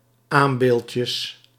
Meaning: plural of aambeeldje
- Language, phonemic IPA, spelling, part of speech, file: Dutch, /ˈambelcəs/, aambeeldjes, noun, Nl-aambeeldjes.ogg